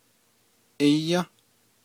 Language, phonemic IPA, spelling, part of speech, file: Navajo, /ʔɪ́jɑ̃́/, íyą́, verb, Nv-íyą́.ogg
- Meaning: second-person singular durative of ayą́